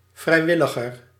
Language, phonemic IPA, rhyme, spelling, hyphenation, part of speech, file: Dutch, /ˌvrɛi̯ˈʋɪ.lə.ɣər/, -ɪləɣər, vrijwilliger, vrij‧wil‧li‧ger, noun / adjective, Nl-vrijwilliger.ogg
- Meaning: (noun) 1. volunteer (one engaged in volunteering work) 2. voluntary (para)military recruit or soldier, volunteer; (adjective) comparative degree of vrijwillig